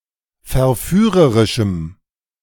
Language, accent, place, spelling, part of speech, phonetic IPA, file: German, Germany, Berlin, verführerischem, adjective, [fɛɐ̯ˈfyːʁəʁɪʃm̩], De-verführerischem.ogg
- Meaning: strong dative masculine/neuter singular of verführerisch